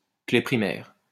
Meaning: primary key
- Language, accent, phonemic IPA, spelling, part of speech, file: French, France, /kle pʁi.mɛʁ/, clé primaire, noun, LL-Q150 (fra)-clé primaire.wav